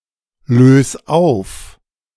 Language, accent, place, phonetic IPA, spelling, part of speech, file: German, Germany, Berlin, [ˌløːs ˈaʊ̯f], lös auf, verb, De-lös auf.ogg
- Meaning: 1. singular imperative of auflösen 2. first-person singular present of auflösen